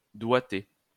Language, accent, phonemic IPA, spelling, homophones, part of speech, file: French, France, /dwa.te/, doigter, doigté / doigtez, verb / noun, LL-Q150 (fra)-doigter.wav
- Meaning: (verb) 1. to finger, to put fingerings on a music sheet 2. to finger, to flick off; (noun) fingering